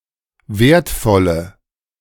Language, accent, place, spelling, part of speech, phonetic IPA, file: German, Germany, Berlin, wertvolle, adjective, [ˈvɛɐ̯tfɔlə], De-wertvolle.ogg
- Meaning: inflection of wertvoll: 1. strong/mixed nominative/accusative feminine singular 2. strong nominative/accusative plural 3. weak nominative all-gender singular